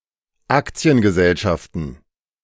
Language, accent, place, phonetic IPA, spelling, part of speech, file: German, Germany, Berlin, [ˈakt͡si̯ənɡəˌzɛlʃaftn̩], Aktiengesellschaften, noun, De-Aktiengesellschaften.ogg
- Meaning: plural of Aktiengesellschaft